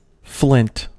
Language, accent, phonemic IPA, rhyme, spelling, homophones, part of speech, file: English, US, /flɪnt/, -ɪnt, flint, Flint / Flynt, noun / verb, En-us-flint.ogg